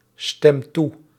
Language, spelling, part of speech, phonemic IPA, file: Dutch, stem toe, verb, /ˈstɛm ˈtu/, Nl-stem toe.ogg
- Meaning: inflection of toestemmen: 1. first-person singular present indicative 2. second-person singular present indicative 3. imperative